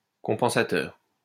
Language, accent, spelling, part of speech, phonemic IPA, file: French, France, compensateur, adjective, /kɔ̃.pɑ̃.sa.tœʁ/, LL-Q150 (fra)-compensateur.wav
- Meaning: compensatory